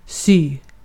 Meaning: to sew
- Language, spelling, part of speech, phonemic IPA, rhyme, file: Swedish, sy, verb, /ˈsyː/, -yː, Sv-sy.ogg